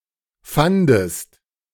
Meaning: second-person singular preterite of finden
- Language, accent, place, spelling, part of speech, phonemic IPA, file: German, Germany, Berlin, fandest, verb, /ˈfandəst/, De-fandest.ogg